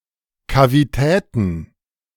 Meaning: plural of Kavität
- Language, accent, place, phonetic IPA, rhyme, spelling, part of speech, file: German, Germany, Berlin, [kaviˈtɛːtn̩], -ɛːtn̩, Kavitäten, noun, De-Kavitäten.ogg